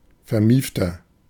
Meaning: 1. comparative degree of vermieft 2. inflection of vermieft: strong/mixed nominative masculine singular 3. inflection of vermieft: strong genitive/dative feminine singular
- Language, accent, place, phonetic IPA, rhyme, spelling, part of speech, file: German, Germany, Berlin, [fɛɐ̯ˈmiːftɐ], -iːftɐ, vermiefter, adjective, De-vermiefter.ogg